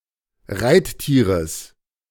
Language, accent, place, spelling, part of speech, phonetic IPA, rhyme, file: German, Germany, Berlin, Reittieres, noun, [ˈʁaɪ̯tˌtiːʁəs], -aɪ̯ttiːʁəs, De-Reittieres.ogg
- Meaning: genitive of Reittier